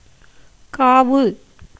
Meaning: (verb) to carry, to bear; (noun) sacrifice, oblation
- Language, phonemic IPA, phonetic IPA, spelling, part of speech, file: Tamil, /kɑːʋɯ/, [käːʋɯ], காவு, verb / noun, Ta-காவு.ogg